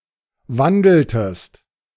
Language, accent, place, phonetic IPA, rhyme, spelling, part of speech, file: German, Germany, Berlin, [ˈvandl̩təst], -andl̩təst, wandeltest, verb, De-wandeltest.ogg
- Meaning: inflection of wandeln: 1. second-person singular preterite 2. second-person singular subjunctive II